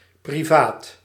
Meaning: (adjective) private, personal; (noun) 1. a privy, an outhouse 2. a toilet
- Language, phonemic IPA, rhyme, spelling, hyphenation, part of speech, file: Dutch, /priˈvaːt/, -aːt, privaat, pri‧vaat, adjective / noun, Nl-privaat.ogg